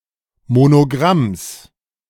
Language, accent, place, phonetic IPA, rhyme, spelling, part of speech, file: German, Germany, Berlin, [monoˈɡʁams], -ams, Monogramms, noun, De-Monogramms.ogg
- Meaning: genitive of Monogramm